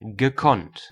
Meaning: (verb) past participle of können; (adjective) masterful, skilful; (adverb) masterfully, skilfully
- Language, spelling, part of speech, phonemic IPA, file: German, gekonnt, verb / adjective / adverb, /ɡəˈkɔnt/, De-gekonnt.ogg